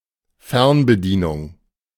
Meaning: remote control (device used to operate an appliance, such as a TV)
- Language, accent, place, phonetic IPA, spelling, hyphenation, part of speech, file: German, Germany, Berlin, [ˈfɛʁnbəˌdiːnʊŋ], Fernbedienung, Fern‧be‧die‧nung, noun, De-Fernbedienung.ogg